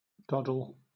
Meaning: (noun) A job, task, or other activity that is easy to complete or simple; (verb) 1. To dodder 2. Misspelling of dawdle; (noun) A hornless animal; a pollard or doddy
- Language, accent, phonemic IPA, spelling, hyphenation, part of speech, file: English, Southern England, /ˈdɒdl̩/, doddle, dod‧dle, noun / verb, LL-Q1860 (eng)-doddle.wav